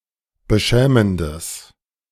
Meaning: strong/mixed nominative/accusative neuter singular of beschämend
- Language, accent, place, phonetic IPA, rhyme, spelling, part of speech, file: German, Germany, Berlin, [bəˈʃɛːməndəs], -ɛːməndəs, beschämendes, adjective, De-beschämendes.ogg